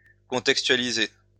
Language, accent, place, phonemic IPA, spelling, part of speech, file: French, France, Lyon, /kɔ̃.tɛk.stɥa.li.ze/, contextualiser, verb, LL-Q150 (fra)-contextualiser.wav
- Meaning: to contextualize